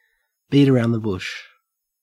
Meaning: 1. To treat a topic, but omit its main points, often intentionally 2. To delay or avoid talking about something difficult or unpleasant
- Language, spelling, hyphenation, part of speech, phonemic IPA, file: English, beat around the bush, beat a‧round the bush, verb, /ˈbiːt əˌɹæɔ̯nd ðə bʊʃ/, En-au-beat around the bush.ogg